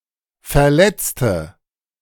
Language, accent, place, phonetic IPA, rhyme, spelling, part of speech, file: German, Germany, Berlin, [fɛɐ̯ˈlɛt͡stə], -ɛt͡stə, Verletzte, noun, De-Verletzte.ogg
- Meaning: 1. female equivalent of Verletzter: female injured (person), female casualty 2. inflection of Verletzter: strong nominative/accusative plural 3. inflection of Verletzter: weak nominative singular